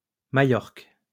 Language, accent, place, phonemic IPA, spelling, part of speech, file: French, France, Lyon, /ma.ʒɔʁk/, Majorque, proper noun, LL-Q150 (fra)-Majorque.wav
- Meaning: Mallorca, Majorca (an island in the Mediterranean; largest of the Balearic Islands)